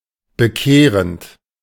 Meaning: present participle of bekehren
- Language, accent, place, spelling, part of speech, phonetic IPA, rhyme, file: German, Germany, Berlin, bekehrend, verb, [bəˈkeːʁənt], -eːʁənt, De-bekehrend.ogg